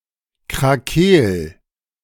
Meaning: 1. singular imperative of krakeelen 2. first-person singular present of krakeelen
- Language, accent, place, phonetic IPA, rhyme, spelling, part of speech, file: German, Germany, Berlin, [kʁaˈkeːl], -eːl, krakeel, verb, De-krakeel.ogg